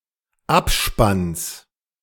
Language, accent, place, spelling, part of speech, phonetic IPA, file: German, Germany, Berlin, Abspanns, noun, [ˈapˌʃpans], De-Abspanns.ogg
- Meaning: genitive singular of Abspann